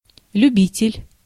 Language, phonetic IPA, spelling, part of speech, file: Russian, [lʲʉˈbʲitʲɪlʲ], любитель, noun, Ru-любитель.ogg
- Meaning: 1. lover, devotee, fan 2. amateur, dilettante